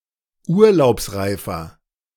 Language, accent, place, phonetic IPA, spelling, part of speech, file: German, Germany, Berlin, [ˈuːɐ̯laʊ̯psˌʁaɪ̯fɐ], urlaubsreifer, adjective, De-urlaubsreifer.ogg
- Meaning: 1. comparative degree of urlaubsreif 2. inflection of urlaubsreif: strong/mixed nominative masculine singular 3. inflection of urlaubsreif: strong genitive/dative feminine singular